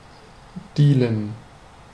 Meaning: 1. to sell drugs 2. to deal (cards)
- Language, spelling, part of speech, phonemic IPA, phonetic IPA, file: German, dealen, verb, /ˈdiːlən/, [ˈdiːl̩n], De-dealen.ogg